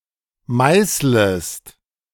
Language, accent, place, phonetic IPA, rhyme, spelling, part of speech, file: German, Germany, Berlin, [ˈmaɪ̯sləst], -aɪ̯sləst, meißlest, verb, De-meißlest.ogg
- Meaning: second-person singular subjunctive I of meißeln